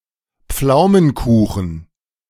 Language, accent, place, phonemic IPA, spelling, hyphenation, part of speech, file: German, Germany, Berlin, /ˈp͡flaʊ̯mənˌkuːχn̩/, Pflaumenkuchen, Pflau‧men‧ku‧chen, noun, De-Pflaumenkuchen.ogg
- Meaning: plum pie, plum cake